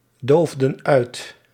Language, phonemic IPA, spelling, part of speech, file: Dutch, /ˈdovdə(n) ˈœyt/, doofden uit, verb, Nl-doofden uit.ogg
- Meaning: inflection of uitdoven: 1. plural past indicative 2. plural past subjunctive